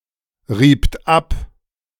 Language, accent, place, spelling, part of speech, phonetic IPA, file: German, Germany, Berlin, riebt ab, verb, [ˌʁiːpt ˈap], De-riebt ab.ogg
- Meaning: second-person plural preterite of abreiben